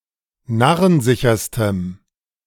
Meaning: strong dative masculine/neuter singular superlative degree of narrensicher
- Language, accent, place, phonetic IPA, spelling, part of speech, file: German, Germany, Berlin, [ˈnaʁənˌzɪçɐstəm], narrensicherstem, adjective, De-narrensicherstem.ogg